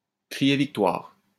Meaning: to cry victory, to claim victory, to declare victory
- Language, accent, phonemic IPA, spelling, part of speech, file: French, France, /kʁi.je vik.twaʁ/, crier victoire, verb, LL-Q150 (fra)-crier victoire.wav